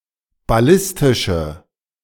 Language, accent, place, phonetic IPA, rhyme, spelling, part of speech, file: German, Germany, Berlin, [baˈlɪstɪʃə], -ɪstɪʃə, ballistische, adjective, De-ballistische.ogg
- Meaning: inflection of ballistisch: 1. strong/mixed nominative/accusative feminine singular 2. strong nominative/accusative plural 3. weak nominative all-gender singular